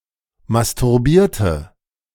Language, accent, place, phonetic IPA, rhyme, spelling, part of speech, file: German, Germany, Berlin, [mastʊʁˈbiːɐ̯tə], -iːɐ̯tə, masturbierte, verb, De-masturbierte.ogg
- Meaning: inflection of masturbieren: 1. first/third-person singular preterite 2. first/third-person singular subjunctive II